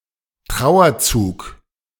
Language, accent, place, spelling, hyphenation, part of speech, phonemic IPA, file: German, Germany, Berlin, Trauerzug, Trau‧er‧zug, noun, /ˈtʁaʊ̯ɐˌt͡suːk/, De-Trauerzug.ogg
- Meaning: funeral procession